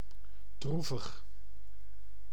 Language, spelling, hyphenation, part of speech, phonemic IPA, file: Dutch, droevig, droe‧vig, adjective, /ˈdru.vəx/, Nl-droevig.ogg
- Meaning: 1. sad, melancholy 2. gloomy